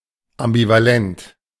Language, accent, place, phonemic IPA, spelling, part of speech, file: German, Germany, Berlin, /ʔambivaˈlɛnt/, ambivalent, adjective, De-ambivalent.ogg
- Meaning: ambivalent